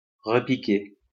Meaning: 1. to pinch; to steal again 2. to puncture again 3. to replant
- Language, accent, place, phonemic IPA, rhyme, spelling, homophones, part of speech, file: French, France, Lyon, /ʁə.pi.ke/, -e, repiquer, repiquai / repiqué / repiquée / repiquées / repiqués / repiquez, verb, LL-Q150 (fra)-repiquer.wav